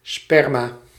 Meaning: sperm, semen (fluid animal seed)
- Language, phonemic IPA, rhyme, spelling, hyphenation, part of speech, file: Dutch, /ˈspɛr.maː/, -ɛrmaː, sperma, sper‧ma, noun, Nl-sperma.ogg